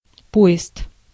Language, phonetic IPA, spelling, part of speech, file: Russian, [ˈpo(j)ɪst], поезд, noun, Ru-поезд.ogg
- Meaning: 1. train, a line of connected railway cars 2. caravan, convoy, procession 3. a method of fishing, in which a fishing net is pulled by two side-by-side boats 4. a net used for this method of fishing